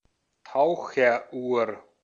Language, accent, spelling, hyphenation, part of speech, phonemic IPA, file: German, Austria, Taucheruhr, Tau‧cher‧uhr, noun, /ˈtaʊ̯xɐˌʔuːɐ̯/, De-at-Taucheruhr.ogg
- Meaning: diving watch